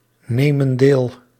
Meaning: inflection of deelnemen: 1. plural present indicative 2. plural present subjunctive
- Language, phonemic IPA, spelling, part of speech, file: Dutch, /ˈnemə(n) ˈdel/, nemen deel, verb, Nl-nemen deel.ogg